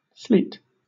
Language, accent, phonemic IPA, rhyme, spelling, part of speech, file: English, Southern England, /sliːt/, -iːt, sleet, noun / verb, LL-Q1860 (eng)-sleet.wav
- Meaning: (noun) 1. Pellets of ice made of mostly-frozen raindrops or refrozen melted snowflakes 2. Precipitation in the form of a mixture of rain and snow